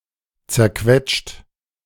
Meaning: 1. past participle of zerquetschen 2. inflection of zerquetschen: second-person plural present 3. inflection of zerquetschen: third-person singular present
- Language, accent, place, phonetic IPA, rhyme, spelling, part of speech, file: German, Germany, Berlin, [t͡sɛɐ̯ˈkvɛt͡ʃt], -ɛt͡ʃt, zerquetscht, verb, De-zerquetscht.ogg